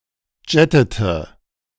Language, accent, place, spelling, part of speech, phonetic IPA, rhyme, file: German, Germany, Berlin, jettete, verb, [ˈd͡ʒɛtətə], -ɛtətə, De-jettete.ogg
- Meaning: inflection of jetten: 1. first/third-person singular preterite 2. first/third-person singular subjunctive II